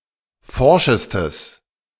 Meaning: strong/mixed nominative/accusative neuter singular superlative degree of forsch
- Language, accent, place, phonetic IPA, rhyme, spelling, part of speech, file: German, Germany, Berlin, [ˈfɔʁʃəstəs], -ɔʁʃəstəs, forschestes, adjective, De-forschestes.ogg